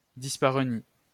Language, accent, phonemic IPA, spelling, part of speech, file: French, France, /dis.pa.ʁø.ni/, dyspareunie, noun, LL-Q150 (fra)-dyspareunie.wav
- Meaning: dyspareunia